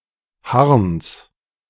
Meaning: genitive of Harn
- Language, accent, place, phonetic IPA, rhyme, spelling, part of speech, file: German, Germany, Berlin, [haʁns], -aʁns, Harns, noun, De-Harns.ogg